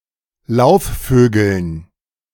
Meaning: dative plural of Laufvogel
- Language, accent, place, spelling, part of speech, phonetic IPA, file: German, Germany, Berlin, Laufvögeln, noun, [ˈlaʊ̯fˌføːɡl̩n], De-Laufvögeln.ogg